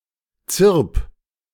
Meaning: 1. singular imperative of zirpen 2. first-person singular present of zirpen
- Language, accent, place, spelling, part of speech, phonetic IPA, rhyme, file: German, Germany, Berlin, zirp, verb, [t͡sɪʁp], -ɪʁp, De-zirp.ogg